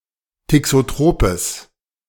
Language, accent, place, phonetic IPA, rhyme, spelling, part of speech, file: German, Germany, Berlin, [tɪksoˈtʁoːpəs], -oːpəs, thixotropes, adjective, De-thixotropes.ogg
- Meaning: strong/mixed nominative/accusative neuter singular of thixotrop